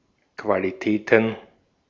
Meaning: plural of Qualität
- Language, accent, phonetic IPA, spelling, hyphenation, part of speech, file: German, Austria, [ˌkvaliˈtɛːtn̩], Qualitäten, Qua‧li‧tä‧ten, noun, De-at-Qualitäten.ogg